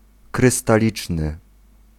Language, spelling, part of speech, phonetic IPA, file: Polish, krystaliczny, adjective, [ˌkrɨstaˈlʲit͡ʃnɨ], Pl-krystaliczny.ogg